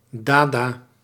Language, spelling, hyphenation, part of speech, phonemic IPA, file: Dutch, dada, da‧da, noun / adjective / interjection / adverb, /ˈdaː.daː/, Nl-dada.ogg
- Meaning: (noun) dada, the cultural movement; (adjective) 1. related to the dada art movement 2. bizarre, irrational, like dada art; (interjection) bye-bye; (adverb) away